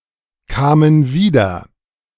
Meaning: first/third-person plural preterite of wiederkommen
- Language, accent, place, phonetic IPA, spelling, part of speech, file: German, Germany, Berlin, [ˌkaːmən ˈviːdɐ], kamen wieder, verb, De-kamen wieder.ogg